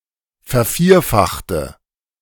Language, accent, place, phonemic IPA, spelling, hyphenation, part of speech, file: German, Germany, Berlin, /fɛɐ̯ˈfiːɐ̯ˌfaxtə/, vervierfachte, ver‧vier‧fach‧te, verb, De-vervierfachte.ogg
- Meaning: inflection of vervierfachen: 1. first/third-person singular preterite 2. first/third-person singular subjunctive II